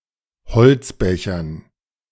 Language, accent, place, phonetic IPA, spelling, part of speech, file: German, Germany, Berlin, [bəˌt͡siːt ˈaɪ̯n], bezieht ein, verb, De-bezieht ein.ogg
- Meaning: inflection of einbeziehen: 1. third-person singular present 2. second-person plural present 3. plural imperative